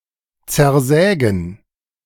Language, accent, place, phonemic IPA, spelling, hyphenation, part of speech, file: German, Germany, Berlin, /t͡sɛɐ̯ˈzɛːɡn̩/, zersägen, zer‧sä‧gen, verb, De-zersägen.ogg
- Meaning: to saw up